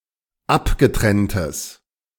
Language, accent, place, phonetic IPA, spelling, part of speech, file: German, Germany, Berlin, [ˈapɡəˌtʁɛntəs], abgetrenntes, adjective, De-abgetrenntes.ogg
- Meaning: strong/mixed nominative/accusative neuter singular of abgetrennt